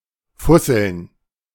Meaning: plural of Fussel
- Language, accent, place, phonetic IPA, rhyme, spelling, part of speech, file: German, Germany, Berlin, [ˈfʊsl̩n], -ʊsl̩n, Fusseln, noun, De-Fusseln.ogg